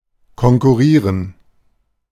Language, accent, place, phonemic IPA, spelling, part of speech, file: German, Germany, Berlin, /kɔŋkʊˈʁiːʁən/, konkurrieren, verb, De-konkurrieren.ogg
- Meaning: to compete